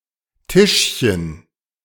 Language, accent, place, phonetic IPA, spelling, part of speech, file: German, Germany, Berlin, [ˈtɪʃçən], Tischchen, noun, De-Tischchen.ogg
- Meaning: diminutive of Tisch; small table, occasional table